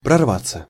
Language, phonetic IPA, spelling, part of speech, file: Russian, [prɐrˈvat͡sːə], прорваться, verb, Ru-прорваться.ogg
- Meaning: 1. to burst open, to break 2. to force one's way through, to break through 3. to tear (e.g. of clothing) 4. passive of прорва́ть (prorvátʹ)